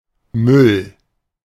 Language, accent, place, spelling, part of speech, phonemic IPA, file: German, Germany, Berlin, Müll, noun, /mʏl/, De-Müll.ogg
- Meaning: 1. rubbish, refuse, waste, junk, trash (US), garbage (US) 2. nonsense